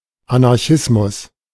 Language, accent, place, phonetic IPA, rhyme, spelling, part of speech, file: German, Germany, Berlin, [anaʁˈçɪsmʊs], -ɪsmʊs, Anarchismus, noun, De-Anarchismus.ogg
- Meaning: anarchism